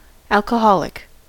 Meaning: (noun) 1. A person who is addicted to alcohol 2. One who abuses alcohol; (adjective) 1. Of or pertaining to alcohol 2. Having more than a trace amount of alcohol in its contents
- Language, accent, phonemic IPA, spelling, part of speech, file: English, US, /ˌæl.kəˈhɔ.lɪk/, alcoholic, noun / adjective, En-us-alcoholic.ogg